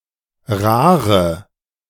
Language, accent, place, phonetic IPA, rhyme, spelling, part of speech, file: German, Germany, Berlin, [ˈʁaːʁə], -aːʁə, rare, adjective, De-rare.ogg
- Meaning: inflection of rar: 1. strong/mixed nominative/accusative feminine singular 2. strong nominative/accusative plural 3. weak nominative all-gender singular 4. weak accusative feminine/neuter singular